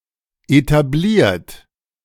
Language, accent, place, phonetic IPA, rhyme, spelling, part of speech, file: German, Germany, Berlin, [etaˈbliːɐ̯t], -iːɐ̯t, etabliert, adjective / verb, De-etabliert.ogg
- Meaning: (verb) past participle of etablieren; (adjective) 1. traditional, old-fashioned, established 2. having an established place in bourgeois society